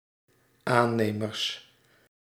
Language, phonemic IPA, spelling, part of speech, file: Dutch, /ˈanemərs/, aannemers, noun, Nl-aannemers.ogg
- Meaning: plural of aannemer